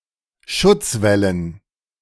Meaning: dative plural of Schutzwall
- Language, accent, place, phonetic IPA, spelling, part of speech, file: German, Germany, Berlin, [ˈʃʊt͡sˌvɛlən], Schutzwällen, noun, De-Schutzwällen.ogg